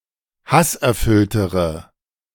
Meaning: inflection of hasserfüllt: 1. strong/mixed nominative/accusative feminine singular comparative degree 2. strong nominative/accusative plural comparative degree
- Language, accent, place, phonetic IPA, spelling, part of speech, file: German, Germany, Berlin, [ˈhasʔɛɐ̯ˌfʏltəʁə], hasserfülltere, adjective, De-hasserfülltere.ogg